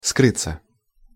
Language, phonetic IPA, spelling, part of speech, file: Russian, [ˈskrɨt͡sːə], скрыться, verb, Ru-скрыться.ogg
- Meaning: 1. to disappear, to hide from, to go into hiding 2. to escape, to steal away 3. passive of скрыть (skrytʹ)